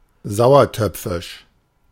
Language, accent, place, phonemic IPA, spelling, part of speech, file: German, Germany, Berlin, /ˈzaʊ̯ɐˌtœpfɪʃ/, sauertöpfisch, adjective, De-sauertöpfisch.ogg
- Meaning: grumpy, disgruntled